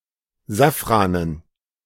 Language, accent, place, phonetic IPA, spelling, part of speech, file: German, Germany, Berlin, [ˈzafʁanən], Safranen, noun, De-Safranen.ogg
- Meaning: dative plural of Safran